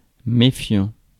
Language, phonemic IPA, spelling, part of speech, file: French, /me.fjɑ̃/, méfiant, adjective / verb, Fr-méfiant.ogg
- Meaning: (adjective) wary; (verb) present participle of méfier